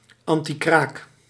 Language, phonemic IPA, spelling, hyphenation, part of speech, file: Dutch, /ˌɑn.tiˈkraːk/, antikraak, an‧ti‧kraak, noun / adverb, Nl-antikraak.ogg
- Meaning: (noun) a form of temporary occupation in otherwise unoccupied premises to prevent squatting; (adverb) involving temporary occupation in otherwise unoccupied premises to prevent squatting